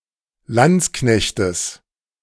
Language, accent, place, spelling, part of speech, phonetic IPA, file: German, Germany, Berlin, Landsknechtes, noun, [ˈlant͡sˌknɛçtəs], De-Landsknechtes.ogg
- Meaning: genitive singular of Landsknecht